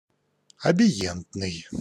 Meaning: abient (characterised by avoidance or withdrawal)
- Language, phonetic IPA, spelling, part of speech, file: Russian, [ɐbʲɪˈjentnɨj], абиентный, adjective, Ru-абиентный.ogg